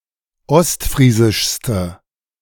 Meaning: inflection of ostfriesisch: 1. strong/mixed nominative/accusative feminine singular superlative degree 2. strong nominative/accusative plural superlative degree
- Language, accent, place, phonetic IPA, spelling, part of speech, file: German, Germany, Berlin, [ˈɔstˌfʁiːzɪʃstə], ostfriesischste, adjective, De-ostfriesischste.ogg